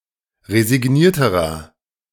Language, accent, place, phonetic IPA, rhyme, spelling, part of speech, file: German, Germany, Berlin, [ʁezɪˈɡniːɐ̯təʁɐ], -iːɐ̯təʁɐ, resignierterer, adjective, De-resignierterer.ogg
- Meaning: inflection of resigniert: 1. strong/mixed nominative masculine singular comparative degree 2. strong genitive/dative feminine singular comparative degree 3. strong genitive plural comparative degree